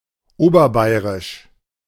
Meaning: alternative form of oberbayerisch
- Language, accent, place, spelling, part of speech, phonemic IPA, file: German, Germany, Berlin, oberbayrisch, adjective, /ˈoːbɐˌbaɪ̯ʁɪʃ/, De-oberbayrisch.ogg